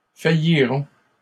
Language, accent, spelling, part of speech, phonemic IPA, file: French, Canada, failliront, verb, /fa.ji.ʁɔ̃/, LL-Q150 (fra)-failliront.wav
- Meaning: third-person plural simple future of faillir